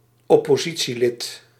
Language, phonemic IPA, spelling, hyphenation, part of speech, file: Dutch, /ɔ.poːˈzi.(t)siˌlɪt/, oppositielid, op‧po‧si‧tie‧lid, noun, Nl-oppositielid.ogg
- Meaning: a member of the (notably political) opposition